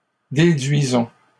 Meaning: inflection of déduire: 1. first-person plural present indicative 2. first-person plural imperative
- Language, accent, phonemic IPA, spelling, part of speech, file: French, Canada, /de.dɥi.zɔ̃/, déduisons, verb, LL-Q150 (fra)-déduisons.wav